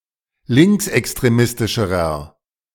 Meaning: inflection of linksextremistisch: 1. strong/mixed nominative masculine singular comparative degree 2. strong genitive/dative feminine singular comparative degree
- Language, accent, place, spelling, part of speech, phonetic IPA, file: German, Germany, Berlin, linksextremistischerer, adjective, [ˈlɪŋksʔɛkstʁeˌmɪstɪʃəʁɐ], De-linksextremistischerer.ogg